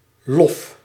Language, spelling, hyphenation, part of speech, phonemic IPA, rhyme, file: Dutch, lof, lof, noun, /lɔf/, -ɔf, Nl-lof.ogg
- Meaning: 1. praise 2. clipping of witlof (“chicory”)